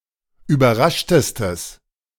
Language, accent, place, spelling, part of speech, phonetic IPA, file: German, Germany, Berlin, überraschtestes, adjective, [yːbɐˈʁaʃtəstəs], De-überraschtestes.ogg
- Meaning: strong/mixed nominative/accusative neuter singular superlative degree of überrascht